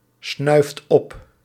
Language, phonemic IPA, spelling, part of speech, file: Dutch, /ˈsnœyft ˈɔp/, snuift op, verb, Nl-snuift op.ogg
- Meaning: inflection of opsnuiven: 1. second/third-person singular present indicative 2. plural imperative